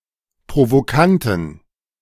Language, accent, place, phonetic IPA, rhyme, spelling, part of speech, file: German, Germany, Berlin, [pʁovoˈkantn̩], -antn̩, provokanten, adjective, De-provokanten.ogg
- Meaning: inflection of provokant: 1. strong genitive masculine/neuter singular 2. weak/mixed genitive/dative all-gender singular 3. strong/weak/mixed accusative masculine singular 4. strong dative plural